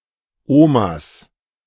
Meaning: 1. genitive singular of Oma 2. plural of Oma
- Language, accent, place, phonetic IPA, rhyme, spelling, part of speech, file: German, Germany, Berlin, [ˈoːmas], -oːmas, Omas, noun, De-Omas.ogg